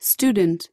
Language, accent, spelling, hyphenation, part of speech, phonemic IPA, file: English, US, student, stu‧dent, noun / adjective, /ˈstu.dn̩t/, En-us-student.ogg
- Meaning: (noun) 1. A person who studies or learns about a particular subject 2. A person who is formally enrolled at a school, a college or university, or another educational institution